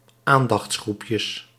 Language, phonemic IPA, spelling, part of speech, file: Dutch, /ˈandɑx(t)sˌxrupjəs/, aandachtsgroepjes, noun, Nl-aandachtsgroepjes.ogg
- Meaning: plural of aandachtsgroepje